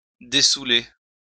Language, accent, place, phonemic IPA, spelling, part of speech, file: French, France, Lyon, /de.su.le/, dessouler, verb, LL-Q150 (fra)-dessouler.wav
- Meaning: to sober up